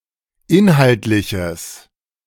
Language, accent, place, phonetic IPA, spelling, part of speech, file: German, Germany, Berlin, [ˈɪnhaltlɪçəs], inhaltliches, adjective, De-inhaltliches.ogg
- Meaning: strong/mixed nominative/accusative neuter singular of inhaltlich